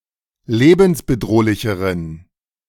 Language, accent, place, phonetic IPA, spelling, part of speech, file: German, Germany, Berlin, [ˈleːbn̩sbəˌdʁoːlɪçəʁən], lebensbedrohlicheren, adjective, De-lebensbedrohlicheren.ogg
- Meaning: inflection of lebensbedrohlich: 1. strong genitive masculine/neuter singular comparative degree 2. weak/mixed genitive/dative all-gender singular comparative degree